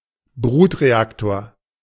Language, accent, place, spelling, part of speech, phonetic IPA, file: German, Germany, Berlin, Brutreaktor, noun, [ˈbʁuːtʁeˌaktoːɐ̯], De-Brutreaktor.ogg
- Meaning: breeder (type of nuclear reactor)